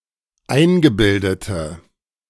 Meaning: inflection of eingebildet: 1. strong/mixed nominative/accusative feminine singular 2. strong nominative/accusative plural 3. weak nominative all-gender singular
- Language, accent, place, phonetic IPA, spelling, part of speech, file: German, Germany, Berlin, [ˈaɪ̯nɡəˌbɪldətə], eingebildete, adjective, De-eingebildete.ogg